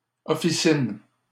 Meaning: pharmacy, dispensary (especially retail)
- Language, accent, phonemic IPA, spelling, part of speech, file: French, Canada, /ɔ.fi.sin/, officine, noun, LL-Q150 (fra)-officine.wav